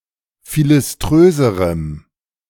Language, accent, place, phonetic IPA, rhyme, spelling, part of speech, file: German, Germany, Berlin, [ˌfilɪsˈtʁøːzəʁəm], -øːzəʁəm, philiströserem, adjective, De-philiströserem.ogg
- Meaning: strong dative masculine/neuter singular comparative degree of philiströs